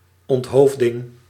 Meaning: decapitation, beheading
- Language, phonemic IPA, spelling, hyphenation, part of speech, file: Dutch, /ˌɔntˈɦoːf.dɪŋ/, onthoofding, ont‧hoof‧ding, noun, Nl-onthoofding.ogg